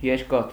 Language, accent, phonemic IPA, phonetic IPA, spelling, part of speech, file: Armenian, Eastern Armenian, /jeɾˈkɑtʰ/, [jeɾkɑ́tʰ], երկաթ, noun, Hy-երկաթ.ogg
- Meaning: 1. iron 2. any metal 3. metallic object (not necessarily of iron)